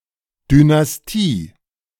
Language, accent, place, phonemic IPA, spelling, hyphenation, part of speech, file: German, Germany, Berlin, /dynasˈtiː/, Dynastie, Dy‧nas‧tie, noun, De-Dynastie.ogg
- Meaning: dynasty: 1. family of rulers 2. influential family, e.g. of industrialists